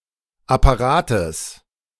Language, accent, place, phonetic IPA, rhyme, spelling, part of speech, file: German, Germany, Berlin, [apaˈʁaːtəs], -aːtəs, Apparates, noun, De-Apparates.ogg
- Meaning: genitive singular of Apparat